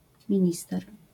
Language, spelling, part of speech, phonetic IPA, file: Polish, minister, noun, [mʲĩˈɲistɛr], LL-Q809 (pol)-minister.wav